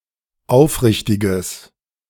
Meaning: strong/mixed nominative/accusative neuter singular of aufrichtig
- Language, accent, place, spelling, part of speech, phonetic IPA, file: German, Germany, Berlin, aufrichtiges, adjective, [ˈaʊ̯fˌʁɪçtɪɡəs], De-aufrichtiges.ogg